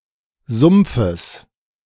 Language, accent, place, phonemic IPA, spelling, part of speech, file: German, Germany, Berlin, /ˈzʊmpfəs/, Sumpfes, noun, De-Sumpfes.ogg
- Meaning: genitive singular of Sumpf